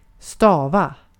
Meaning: to spell (to give the individual letters of a word)
- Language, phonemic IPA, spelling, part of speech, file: Swedish, /ˈstɑː.va/, stava, verb, Sv-stava.ogg